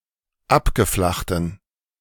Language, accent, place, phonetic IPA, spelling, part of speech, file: German, Germany, Berlin, [ˈapɡəˌflaxtn̩], abgeflachten, adjective, De-abgeflachten.ogg
- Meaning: inflection of abgeflacht: 1. strong genitive masculine/neuter singular 2. weak/mixed genitive/dative all-gender singular 3. strong/weak/mixed accusative masculine singular 4. strong dative plural